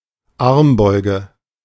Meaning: elbow pit, inner elbow, crook of the arm, cubital fossa
- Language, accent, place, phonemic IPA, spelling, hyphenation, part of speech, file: German, Germany, Berlin, /ˈaʁmˌbɔɪ̯ɡə/, Armbeuge, Arm‧beu‧ge, noun, De-Armbeuge.ogg